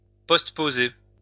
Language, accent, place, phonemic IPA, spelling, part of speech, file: French, France, Lyon, /pɔst.po.ze/, postposer, verb, LL-Q150 (fra)-postposer.wav
- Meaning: 1. to postpose 2. to postpone